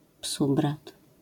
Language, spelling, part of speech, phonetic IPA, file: Polish, psubrat, noun, [ˈpsubrat], LL-Q809 (pol)-psubrat.wav